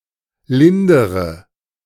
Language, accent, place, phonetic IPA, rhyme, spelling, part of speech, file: German, Germany, Berlin, [ˈlɪndəʁə], -ɪndəʁə, lindere, adjective / verb, De-lindere.ogg
- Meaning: inflection of lindern: 1. first-person singular present 2. first/third-person singular subjunctive I 3. singular imperative